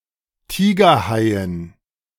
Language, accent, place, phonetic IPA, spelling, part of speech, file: German, Germany, Berlin, [ˈtiːɡɐˌhaɪ̯ən], Tigerhaien, noun, De-Tigerhaien.ogg
- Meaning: dative plural of Tigerhai